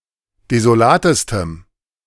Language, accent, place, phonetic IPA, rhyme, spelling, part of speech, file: German, Germany, Berlin, [dezoˈlaːtəstəm], -aːtəstəm, desolatestem, adjective, De-desolatestem.ogg
- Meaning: strong dative masculine/neuter singular superlative degree of desolat